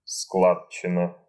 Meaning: 1. collection of money or products for a common cause (action or result) 2. party or soiree arranged using funds so collected
- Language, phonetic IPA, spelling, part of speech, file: Russian, [ˈskɫat͡ɕːɪnə], складчина, noun, Ru-складчина.ogg